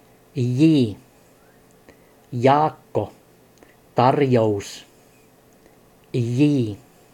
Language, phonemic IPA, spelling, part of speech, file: Finnish, /j/, j, character, Fi-j.ogg
- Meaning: The tenth letter of the Finnish alphabet, called jii and written in the Latin script